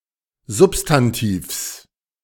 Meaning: genitive singular of Substantiv
- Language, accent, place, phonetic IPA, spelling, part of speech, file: German, Germany, Berlin, [ˈzʊpstanˌtiːfs], Substantivs, noun, De-Substantivs.ogg